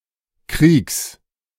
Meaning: genitive singular of Krieg
- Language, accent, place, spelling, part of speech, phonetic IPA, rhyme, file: German, Germany, Berlin, Kriegs, noun, [kʁiːks], -iːks, De-Kriegs.ogg